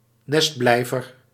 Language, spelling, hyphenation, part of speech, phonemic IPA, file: Dutch, nestblijver, nest‧blij‧ver, noun, /ˈnɛstˌblɛi̯.vər/, Nl-nestblijver.ogg
- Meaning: altricial animal, altricial young